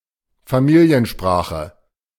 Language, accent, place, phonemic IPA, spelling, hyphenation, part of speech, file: German, Germany, Berlin, /faˈmiːli̯ənˌʃpʁaːxə/, Familiensprache, Fa‧mi‧li‧en‧spra‧che, noun, De-Familiensprache.ogg
- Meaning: family language (i.e. home language)